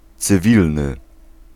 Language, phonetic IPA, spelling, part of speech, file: Polish, [t͡sɨˈvʲilnɨ], cywilny, adjective, Pl-cywilny.ogg